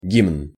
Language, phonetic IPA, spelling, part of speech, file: Russian, [ɡʲimn], гимн, noun, Ru-гимн.ogg
- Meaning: 1. anthem 2. hymn